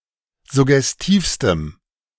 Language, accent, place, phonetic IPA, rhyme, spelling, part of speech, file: German, Germany, Berlin, [zʊɡɛsˈtiːfstəm], -iːfstəm, suggestivstem, adjective, De-suggestivstem.ogg
- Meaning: strong dative masculine/neuter singular superlative degree of suggestiv